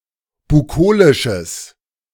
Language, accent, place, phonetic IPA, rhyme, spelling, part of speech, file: German, Germany, Berlin, [buˈkoːlɪʃəs], -oːlɪʃəs, bukolisches, adjective, De-bukolisches.ogg
- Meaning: strong/mixed nominative/accusative neuter singular of bukolisch